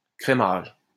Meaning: creaming
- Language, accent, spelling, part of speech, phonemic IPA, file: French, France, crémage, noun, /kʁe.maʒ/, LL-Q150 (fra)-crémage.wav